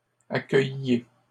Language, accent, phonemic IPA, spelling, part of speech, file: French, Canada, /a.kœj.je/, accueilliez, verb, LL-Q150 (fra)-accueilliez.wav
- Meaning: inflection of accueillir: 1. second-person plural imperfect indicative 2. second-person plural present subjunctive